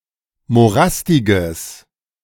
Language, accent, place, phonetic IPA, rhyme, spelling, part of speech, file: German, Germany, Berlin, [moˈʁastɪɡəs], -astɪɡəs, morastiges, adjective, De-morastiges.ogg
- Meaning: strong/mixed nominative/accusative neuter singular of morastig